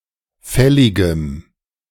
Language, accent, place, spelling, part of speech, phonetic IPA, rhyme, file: German, Germany, Berlin, fälligem, adjective, [ˈfɛlɪɡəm], -ɛlɪɡəm, De-fälligem.ogg
- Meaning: strong dative masculine/neuter singular of fällig